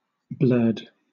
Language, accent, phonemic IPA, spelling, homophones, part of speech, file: English, Southern England, /blɜːd/, blurred, blerd, adjective / verb, LL-Q1860 (eng)-blurred.wav
- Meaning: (adjective) Out of focus; partially obscured; smudged; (verb) simple past and past participle of blur